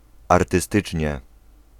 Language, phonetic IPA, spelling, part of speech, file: Polish, [ˌartɨˈstɨt͡ʃʲɲɛ], artystycznie, adverb, Pl-artystycznie.ogg